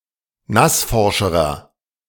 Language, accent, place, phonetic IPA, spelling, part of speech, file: German, Germany, Berlin, [ˈnasˌfɔʁʃəʁɐ], nassforscherer, adjective, De-nassforscherer.ogg
- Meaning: inflection of nassforsch: 1. strong/mixed nominative masculine singular comparative degree 2. strong genitive/dative feminine singular comparative degree 3. strong genitive plural comparative degree